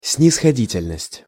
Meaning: 1. condescension 2. leniency 3. indulgence, forgiveness
- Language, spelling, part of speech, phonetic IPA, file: Russian, снисходительность, noun, [snʲɪsxɐˈdʲitʲɪlʲnəsʲtʲ], Ru-снисходительность.ogg